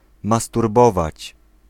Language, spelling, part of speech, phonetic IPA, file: Polish, masturbować, verb, [ˌmasturˈbɔvat͡ɕ], Pl-masturbować.ogg